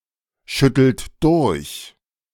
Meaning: inflection of durchschütteln: 1. second-person plural present 2. third-person singular present 3. plural imperative
- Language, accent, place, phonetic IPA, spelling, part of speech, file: German, Germany, Berlin, [ˌʃʏtl̩t ˈdʊʁç], schüttelt durch, verb, De-schüttelt durch.ogg